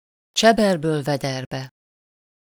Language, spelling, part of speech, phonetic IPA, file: Hungarian, cseberből vederbe, adverb, [ˈt͡ʃɛbɛrbøːlvɛdɛrbɛ], Hu-cseberből vederbe.ogg
- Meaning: out of the frying pan, into the fire